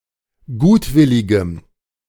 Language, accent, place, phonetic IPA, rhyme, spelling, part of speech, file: German, Germany, Berlin, [ˈɡuːtˌvɪlɪɡəm], -uːtvɪlɪɡəm, gutwilligem, adjective, De-gutwilligem.ogg
- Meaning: strong dative masculine/neuter singular of gutwillig